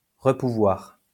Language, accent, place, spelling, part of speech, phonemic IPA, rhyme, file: French, France, Lyon, repouvoir, verb, /ʁə.pu.vwaʁ/, -aʁ, LL-Q150 (fra)-repouvoir.wav
- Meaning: to be able to again